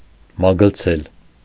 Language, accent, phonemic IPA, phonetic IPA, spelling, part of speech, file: Armenian, Eastern Armenian, /mɑɡəlˈt͡sʰel/, [mɑɡəlt͡sʰél], մագլցել, verb, Hy-մագլցել.ogg
- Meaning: 1. to climb (as with claws or talons, like birds and cats) 2. to climb (as of plants) 3. to slide up, to glide up 4. to climb, to scale (often carrying something) 5. to ascend, to reach